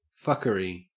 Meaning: 1. Nonsense, bullshit, or underhanded trickery 2. A brothel 3. Sexual intercourse 4. An unfair or morally wrong action
- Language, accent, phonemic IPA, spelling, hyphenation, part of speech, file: English, Australia, /ˈfʌkəɹi/, fuckery, fuck‧ery, noun, En-au-fuckery.ogg